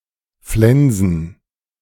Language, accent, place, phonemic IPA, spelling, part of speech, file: German, Germany, Berlin, /flɛnzn̩/, flensen, verb, De-flensen.ogg
- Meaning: to flense